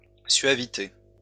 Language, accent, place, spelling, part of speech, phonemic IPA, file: French, France, Lyon, suavité, noun, /sɥa.vi.te/, LL-Q150 (fra)-suavité.wav
- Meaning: suavity